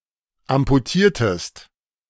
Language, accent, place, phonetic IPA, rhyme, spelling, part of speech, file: German, Germany, Berlin, [ampuˈtiːɐ̯təst], -iːɐ̯təst, amputiertest, verb, De-amputiertest.ogg
- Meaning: inflection of amputieren: 1. second-person singular preterite 2. second-person singular subjunctive II